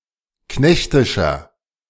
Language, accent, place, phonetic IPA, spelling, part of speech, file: German, Germany, Berlin, [ˈknɛçtɪʃɐ], knechtischer, adjective, De-knechtischer.ogg
- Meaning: 1. comparative degree of knechtisch 2. inflection of knechtisch: strong/mixed nominative masculine singular 3. inflection of knechtisch: strong genitive/dative feminine singular